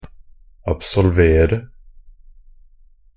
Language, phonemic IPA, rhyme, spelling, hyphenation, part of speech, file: Norwegian Bokmål, /absɔlˈʋeːrə/, -eːrə, absolvere, ab‧sol‧ve‧re, verb, NB - Pronunciation of Norwegian Bokmål «absolvere».ogg
- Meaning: 1. to absolve (to grant a remission of sin; to give absolution to) 2. to absolve (to pronounce free from or give absolution for a blame or guilt) 3. to absolve (to take or pass an exam)